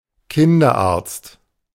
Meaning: paediatrician (UK), pediatrician (US) (male or of unspecified gender)
- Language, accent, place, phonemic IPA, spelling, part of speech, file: German, Germany, Berlin, /ˈkɪndɐˌaʁtst/, Kinderarzt, noun, De-Kinderarzt.ogg